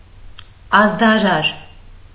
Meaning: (adjective) heralding, announcing; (noun) herald
- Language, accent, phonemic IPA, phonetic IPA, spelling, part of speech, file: Armenian, Eastern Armenian, /ɑzdɑˈɾɑɾ/, [ɑzdɑɾɑ́ɾ], ազդարար, adjective / noun, Hy-ազդարար.ogg